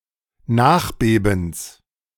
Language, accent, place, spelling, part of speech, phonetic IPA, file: German, Germany, Berlin, Nachbebens, noun, [ˈnaːxˌbeːbn̩s], De-Nachbebens.ogg
- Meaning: genitive singular of Nachbeben